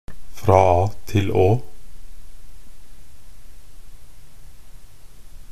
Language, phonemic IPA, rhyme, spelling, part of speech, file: Norwegian Bokmål, /ˈfrɑː ɑː tɪl oː/, -oː, fra A til Å, phrase, Nb-fra a til å.ogg
- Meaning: 1. through the whole alphabet, in an alphabetical order 2. from beginning to end; in a complete manner, from A to Z